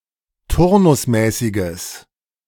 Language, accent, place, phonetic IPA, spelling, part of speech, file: German, Germany, Berlin, [ˈtʊʁnʊsˌmɛːsɪɡəs], turnusmäßiges, adjective, De-turnusmäßiges.ogg
- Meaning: strong/mixed nominative/accusative neuter singular of turnusmäßig